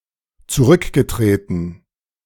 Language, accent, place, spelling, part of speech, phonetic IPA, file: German, Germany, Berlin, zurückgetreten, verb, [t͡suˈʁʏkɡəˌtʁeːtn̩], De-zurückgetreten.ogg
- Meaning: past participle of zurücktreten